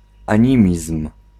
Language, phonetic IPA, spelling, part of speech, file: Polish, [ãˈɲĩmʲism̥], animizm, noun, Pl-animizm.ogg